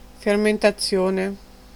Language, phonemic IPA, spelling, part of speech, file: Italian, /fermentaˈtsjone/, fermentazione, noun, It-fermentazione.ogg